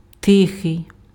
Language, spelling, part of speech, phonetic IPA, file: Ukrainian, тихий, adjective, [ˈtɪxei̯], Uk-тихий.ogg
- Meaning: quiet, peaceful